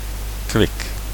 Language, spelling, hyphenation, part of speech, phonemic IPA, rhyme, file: Dutch, kwik, kwik, noun / adjective, /kʋɪk/, -ɪk, Nl-kwik.ogg
- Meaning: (noun) 1. mercury 2. the temperature; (adjective) alternative form of kwiek